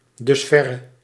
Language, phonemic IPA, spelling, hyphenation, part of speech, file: Dutch, /ˈdʏsˌfɛ.rə/, dusverre, dus‧ver‧re, adverb, Nl-dusverre.ogg
- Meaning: thus far